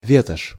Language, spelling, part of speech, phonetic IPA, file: Russian, ветошь, noun, [ˈvʲetəʂ], Ru-ветошь.ogg
- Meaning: rag (piece of cloth)